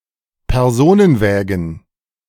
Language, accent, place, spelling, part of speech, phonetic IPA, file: German, Germany, Berlin, Personenwägen, noun, [pɛʁˈzoːnənˌvɛːɡn̩], De-Personenwägen.ogg
- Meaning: plural of Personenwagen